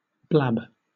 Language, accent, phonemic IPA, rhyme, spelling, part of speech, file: English, Southern England, /blæb/, -æb, blab, verb / noun, LL-Q1860 (eng)-blab.wav
- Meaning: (verb) 1. To tell tales; to gossip without reserve or discretion 2. to speak carelessly or excessively; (noun) 1. One who blabs; a babbler; a telltale; a gossip or gossiper 2. Gossip; prattle